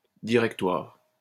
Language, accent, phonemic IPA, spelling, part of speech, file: French, France, /di.ʁɛk.twaʁ/, directoire, noun, LL-Q150 (fra)-directoire.wav
- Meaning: 1. directory 2. board of directors